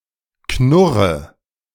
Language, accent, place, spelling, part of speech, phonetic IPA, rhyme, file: German, Germany, Berlin, knurre, verb, [ˈknʊʁə], -ʊʁə, De-knurre.ogg
- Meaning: inflection of knurren: 1. first-person singular present 2. first/third-person singular subjunctive I 3. singular imperative